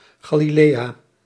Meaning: 1. Galilee (a mountainous geographic region in northern Israel) 2. a hamlet in Noardeast-Fryslân, Friesland, Netherlands
- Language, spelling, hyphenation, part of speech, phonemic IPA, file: Dutch, Galilea, Ga‧li‧lea, proper noun, /ˌɣaː.liˈleː.aː/, Nl-Galilea.ogg